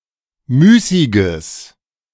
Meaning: strong/mixed nominative/accusative neuter singular of müßig
- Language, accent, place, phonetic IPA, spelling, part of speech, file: German, Germany, Berlin, [ˈmyːsɪɡəs], müßiges, adjective, De-müßiges.ogg